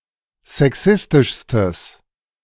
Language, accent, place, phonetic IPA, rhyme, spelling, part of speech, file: German, Germany, Berlin, [zɛˈksɪstɪʃstəs], -ɪstɪʃstəs, sexistischstes, adjective, De-sexistischstes.ogg
- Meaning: strong/mixed nominative/accusative neuter singular superlative degree of sexistisch